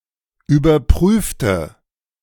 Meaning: inflection of überprüfen: 1. first/third-person singular preterite 2. first/third-person singular subjunctive II
- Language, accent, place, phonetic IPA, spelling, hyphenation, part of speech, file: German, Germany, Berlin, [yːbɐˈpʁyːftə], überprüfte, über‧prüf‧te, adjective / verb, De-überprüfte.ogg